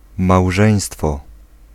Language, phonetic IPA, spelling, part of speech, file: Polish, [mawˈʒɛ̃j̃stfɔ], małżeństwo, noun, Pl-małżeństwo.ogg